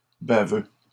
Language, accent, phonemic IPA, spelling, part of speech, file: French, Canada, /ba.vø/, baveux, adjective / noun, LL-Q150 (fra)-baveux.wav
- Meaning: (adjective) 1. wet; drooling; dripping 2. arrogant and cheeky against authority; cocky; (noun) lawyer